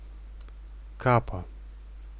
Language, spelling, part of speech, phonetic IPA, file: Russian, капа, noun, [ˈkapə], Ru-капа.ogg
- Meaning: 1. gumshield, mouthguard 2. cope, cape, hooded cloak 3. genitive singular of кап (kap)